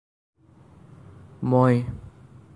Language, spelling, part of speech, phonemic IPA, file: Assamese, মই, pronoun, /mɔi/, As-মই.ogg
- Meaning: I (the first person personal singular pronoun)